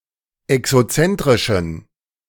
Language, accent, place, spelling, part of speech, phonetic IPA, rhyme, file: German, Germany, Berlin, exozentrischen, adjective, [ɛksoˈt͡sɛntʁɪʃn̩], -ɛntʁɪʃn̩, De-exozentrischen.ogg
- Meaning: inflection of exozentrisch: 1. strong genitive masculine/neuter singular 2. weak/mixed genitive/dative all-gender singular 3. strong/weak/mixed accusative masculine singular 4. strong dative plural